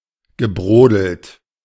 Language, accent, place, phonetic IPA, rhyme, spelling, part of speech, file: German, Germany, Berlin, [ɡəˈbʁoːdl̩t], -oːdl̩t, gebrodelt, verb, De-gebrodelt.ogg
- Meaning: past participle of brodeln